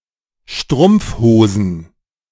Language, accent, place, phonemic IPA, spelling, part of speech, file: German, Germany, Berlin, /ˈʃtʁʊmp͡fˌhoːzn̩/, Strumpfhosen, noun, De-Strumpfhosen.ogg
- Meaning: plural of Strumpfhose